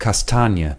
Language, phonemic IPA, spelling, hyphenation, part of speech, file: German, /kasˈtaːni̯ə/, Kastanie, Kas‧ta‧nie, noun, De-Kastanie.ogg
- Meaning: chestnut: 1. a tree of the genus Castanea, or its nut 2. horse-chestnut, a tree of the genus Aesculus, or its nut